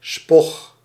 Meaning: dated form of spuug
- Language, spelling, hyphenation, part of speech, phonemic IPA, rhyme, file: Dutch, spog, spog, noun, /spɔx/, -ɔx, Nl-spog.ogg